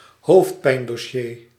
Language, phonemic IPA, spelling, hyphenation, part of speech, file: Dutch, /ˈɦoːft.pɛi̯n.dɔˌʃeː/, hoofdpijndossier, hoofd‧pijn‧dos‧sier, noun, Nl-hoofdpijndossier.ogg
- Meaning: a particularly difficult issue or case